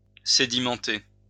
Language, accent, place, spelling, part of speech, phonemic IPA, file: French, France, Lyon, sédimenter, verb, /se.di.mɑ̃.te/, LL-Q150 (fra)-sédimenter.wav
- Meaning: to sediment